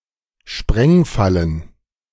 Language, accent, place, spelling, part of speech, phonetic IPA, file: German, Germany, Berlin, Sprengfallen, noun, [ˈʃpʁɛŋˌfalən], De-Sprengfallen.ogg
- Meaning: plural of Sprengfalle